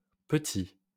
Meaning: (noun) plural of petit; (adjective) masculine plural of petit
- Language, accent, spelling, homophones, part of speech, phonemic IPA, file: French, France, petits, petit, noun / adjective, /pə.ti/, LL-Q150 (fra)-petits.wav